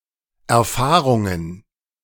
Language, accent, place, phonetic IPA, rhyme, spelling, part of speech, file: German, Germany, Berlin, [ɛɐ̯ˈfaːʁʊŋən], -aːʁʊŋən, Erfahrungen, noun, De-Erfahrungen.ogg
- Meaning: plural of Erfahrung